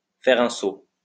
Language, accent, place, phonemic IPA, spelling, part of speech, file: French, France, Lyon, /fɛʁ œ̃ so/, faire un saut, verb, LL-Q150 (fra)-faire un saut.wav
- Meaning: to make a stop, to stop off, to pop over